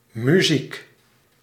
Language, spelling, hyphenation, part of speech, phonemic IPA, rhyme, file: Dutch, muziek, mu‧ziek, noun, /myˈzik/, -ik, Nl-muziek.ogg
- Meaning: music (sound; art)